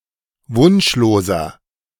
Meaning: inflection of wunschlos: 1. strong/mixed nominative masculine singular 2. strong genitive/dative feminine singular 3. strong genitive plural
- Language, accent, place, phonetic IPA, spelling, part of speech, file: German, Germany, Berlin, [ˈvʊnʃloːzɐ], wunschloser, adjective, De-wunschloser.ogg